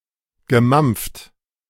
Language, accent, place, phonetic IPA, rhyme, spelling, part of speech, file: German, Germany, Berlin, [ɡəˈmamp͡ft], -amp͡ft, gemampft, verb, De-gemampft.ogg
- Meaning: past participle of mampfen